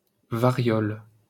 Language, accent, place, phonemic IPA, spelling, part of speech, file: French, France, Paris, /va.ʁjɔl/, variole, noun, LL-Q150 (fra)-variole.wav
- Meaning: smallpox